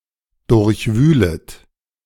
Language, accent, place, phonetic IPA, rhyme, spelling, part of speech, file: German, Germany, Berlin, [ˌdʊʁçˈvyːlət], -yːlət, durchwühlet, verb, De-durchwühlet.ogg
- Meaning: second-person plural subjunctive I of durchwühlen